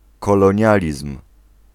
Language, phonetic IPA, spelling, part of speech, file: Polish, [ˌkɔlɔ̃ˈɲalʲism̥], kolonializm, noun, Pl-kolonializm.ogg